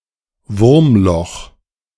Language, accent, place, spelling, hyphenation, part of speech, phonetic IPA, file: German, Germany, Berlin, Wurmloch, Wurm‧loch, noun, [ˈvʊʁmˌlɔx], De-Wurmloch.ogg
- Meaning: wormhole